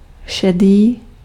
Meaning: grey, gray
- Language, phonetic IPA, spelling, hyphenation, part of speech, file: Czech, [ˈʃɛdiː], šedý, še‧dý, adjective, Cs-šedý.ogg